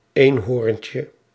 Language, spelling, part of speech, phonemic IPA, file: Dutch, eenhoorntje, noun, /ˈenhorᵊɲcə/, Nl-eenhoorntje.ogg
- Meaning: diminutive of eenhoorn